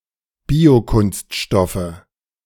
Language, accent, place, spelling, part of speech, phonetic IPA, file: German, Germany, Berlin, Biokunststoffe, noun, [ˈbiːoˌkʊnstʃtɔfə], De-Biokunststoffe.ogg
- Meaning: nominative/accusative/genitive plural of Biokunststoff